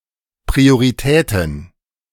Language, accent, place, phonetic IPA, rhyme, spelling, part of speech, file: German, Germany, Berlin, [pʁioʁiˈtɛːtn̩], -ɛːtn̩, Prioritäten, noun, De-Prioritäten.ogg
- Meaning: plural of Priorität